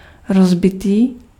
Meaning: broken
- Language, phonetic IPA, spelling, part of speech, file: Czech, [ˈrozbɪtiː], rozbitý, adjective, Cs-rozbitý.ogg